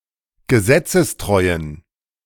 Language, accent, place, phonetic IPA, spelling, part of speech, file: German, Germany, Berlin, [ɡəˈzɛt͡səsˌtʁɔɪ̯ən], gesetzestreuen, adjective, De-gesetzestreuen.ogg
- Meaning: inflection of gesetzestreu: 1. strong genitive masculine/neuter singular 2. weak/mixed genitive/dative all-gender singular 3. strong/weak/mixed accusative masculine singular 4. strong dative plural